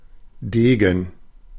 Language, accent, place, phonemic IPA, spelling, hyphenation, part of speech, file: German, Germany, Berlin, /ˈdeːɡən/, Degen, De‧gen, noun, De-Degen.ogg
- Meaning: 1. rapier, smallsword 2. épée 3. dagger 4. hero, warrior, soldier